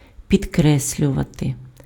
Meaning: 1. to underline, to underscore 2. to emphasize, to stress, to underline, to underscore
- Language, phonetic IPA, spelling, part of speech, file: Ukrainian, [pʲidˈkrɛsʲlʲʊʋɐte], підкреслювати, verb, Uk-підкреслювати.ogg